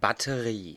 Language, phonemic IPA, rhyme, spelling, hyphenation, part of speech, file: German, /batəˈʁiː/, -iː, Batterie, Bat‧te‧rie, noun, De-Batterie.ogg
- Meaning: 1. battery (unit of artillery) 2. a row (an array of similar things) 3. a set of small cages (farming) 4. battery